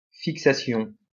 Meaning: 1. fixation 2. fixation, obsession
- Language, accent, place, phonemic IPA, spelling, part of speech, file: French, France, Lyon, /fik.sa.sjɔ̃/, fixation, noun, LL-Q150 (fra)-fixation.wav